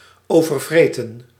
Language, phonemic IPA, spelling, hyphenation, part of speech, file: Dutch, /ˌoː.vərˈvreː.tə(n)/, overvreten, over‧vre‧ten, verb, Nl-overvreten.ogg
- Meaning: to overeat